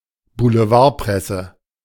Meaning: yellow press
- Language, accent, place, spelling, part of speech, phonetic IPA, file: German, Germany, Berlin, Boulevardpresse, noun, [buləˈvaːɐ̯ˌpʁɛsə], De-Boulevardpresse.ogg